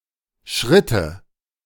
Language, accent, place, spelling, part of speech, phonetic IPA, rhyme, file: German, Germany, Berlin, schritte, verb, [ˈʃʁɪtə], -ɪtə, De-schritte.ogg
- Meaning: first/third-person singular subjunctive II of schreiten